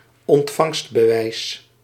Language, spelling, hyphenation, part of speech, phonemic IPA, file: Dutch, ontvangstbewijs, ont‧vangst‧be‧wijs, noun, /ɔntˈfɑŋst.bəˌʋɛi̯s/, Nl-ontvangstbewijs.ogg
- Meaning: receipt